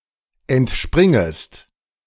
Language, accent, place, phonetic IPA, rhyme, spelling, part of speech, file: German, Germany, Berlin, [ɛntˈʃpʁɪŋəst], -ɪŋəst, entspringest, verb, De-entspringest.ogg
- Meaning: second-person singular subjunctive I of entspringen